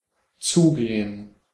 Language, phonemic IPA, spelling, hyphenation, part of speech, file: German, /ˈtsuːɡeːən/, zugehen, zu‧ge‧hen, verb, De-zugehen.ogg
- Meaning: 1. to shut 2. to receive 3. to approach sth. or so., to step up to someone, to walk towards 4. to come towards (in a manner of affection)